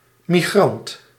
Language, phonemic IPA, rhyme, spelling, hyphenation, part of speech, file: Dutch, /miˈɣrɑnt/, -ɑnt, migrant, mi‧grant, noun, Nl-migrant.ogg
- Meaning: migrant